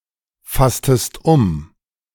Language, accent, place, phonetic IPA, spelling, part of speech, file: German, Germany, Berlin, [ˌfastəst ˈʊm], fasstest um, verb, De-fasstest um.ogg
- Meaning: inflection of umfassen: 1. second-person singular preterite 2. second-person singular subjunctive II